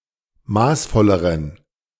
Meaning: inflection of maßvoll: 1. strong genitive masculine/neuter singular comparative degree 2. weak/mixed genitive/dative all-gender singular comparative degree
- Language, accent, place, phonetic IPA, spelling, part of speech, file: German, Germany, Berlin, [ˈmaːsˌfɔləʁən], maßvolleren, adjective, De-maßvolleren.ogg